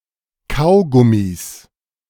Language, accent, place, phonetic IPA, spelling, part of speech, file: German, Germany, Berlin, [ˈkaʊ̯ˌɡʊmis], Kaugummis, noun, De-Kaugummis.ogg
- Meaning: 1. genitive singular of Kaugummi 2. plural of Kaugummi